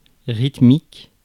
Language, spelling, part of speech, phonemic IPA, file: French, rythmique, adjective, /ʁit.mik/, Fr-rythmique.ogg
- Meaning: rhythmic